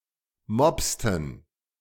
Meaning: inflection of mopsen: 1. first/third-person plural preterite 2. first/third-person plural subjunctive II
- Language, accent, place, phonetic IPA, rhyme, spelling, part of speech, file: German, Germany, Berlin, [ˈmɔpstn̩], -ɔpstn̩, mopsten, verb, De-mopsten.ogg